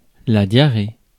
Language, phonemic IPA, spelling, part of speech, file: French, /dja.ʁe/, diarrhée, noun, Fr-diarrhée.ogg
- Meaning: diarrhea (medical condition)